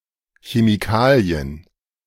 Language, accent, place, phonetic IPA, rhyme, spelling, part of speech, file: German, Germany, Berlin, [çemiˈkaːli̯ən], -aːli̯ən, Chemikalien, noun, De-Chemikalien.ogg
- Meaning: plural of Chemikalie